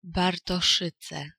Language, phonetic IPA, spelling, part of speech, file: Polish, [ˌbartɔˈʃɨt͡sɛ], Bartoszyce, proper noun, Pl-Bartoszyce.ogg